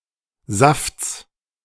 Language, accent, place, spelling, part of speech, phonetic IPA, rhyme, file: German, Germany, Berlin, Safts, noun, [zaft͡s], -aft͡s, De-Safts.ogg
- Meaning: genitive singular of Saft